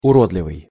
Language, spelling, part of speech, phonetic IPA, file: Russian, уродливый, adjective, [ʊˈrodlʲɪvɨj], Ru-уродливый.ogg
- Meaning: 1. deformed, misshapen 2. ugly, hideous (displeasing to the eye; not aesthetically pleasing)